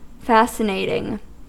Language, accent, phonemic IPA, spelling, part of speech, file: English, US, /ˈfæsɪˌneɪtɪŋ/, fascinating, adjective / verb, En-us-fascinating.ogg
- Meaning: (adjective) Having interesting qualities; captivating; attractive; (verb) present participle and gerund of fascinate